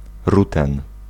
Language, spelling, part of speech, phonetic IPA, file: Polish, ruten, noun, [ˈrutɛ̃n], Pl-ruten.ogg